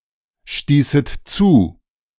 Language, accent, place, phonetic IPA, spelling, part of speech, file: German, Germany, Berlin, [ˌʃtiːsət ˈt͡suː], stießet zu, verb, De-stießet zu.ogg
- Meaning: second-person plural subjunctive II of zustoßen